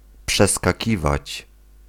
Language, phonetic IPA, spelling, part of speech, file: Polish, [ˌpʃɛskaˈcivat͡ɕ], przeskakiwać, verb, Pl-przeskakiwać.ogg